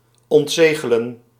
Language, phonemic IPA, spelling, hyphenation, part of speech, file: Dutch, /ˌɔntˈzeː.ɣə.lə(n)/, ontzegelen, ont‧ze‧ge‧len, verb, Nl-ontzegelen.ogg
- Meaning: to unseal